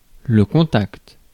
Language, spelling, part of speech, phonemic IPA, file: French, contact, noun, /kɔ̃.takt/, Fr-contact.ogg
- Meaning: 1. contact; contact (with another person) 2. contact (person that one knows) 3. rapport